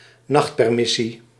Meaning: 1. permission for members of the armed forces to spend the night outside the barracks 2. permit for a drinking establishment to be open after closing time
- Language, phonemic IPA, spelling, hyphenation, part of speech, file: Dutch, /ˈnɑxt.pɛrˌmɪ.si/, nachtpermissie, nacht‧per‧mis‧sie, noun, Nl-nachtpermissie.ogg